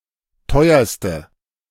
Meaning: inflection of teuer: 1. strong/mixed nominative/accusative feminine singular superlative degree 2. strong nominative/accusative plural superlative degree
- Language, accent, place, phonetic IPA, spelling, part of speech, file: German, Germany, Berlin, [ˈtɔɪ̯ɐstə], teuerste, adjective, De-teuerste.ogg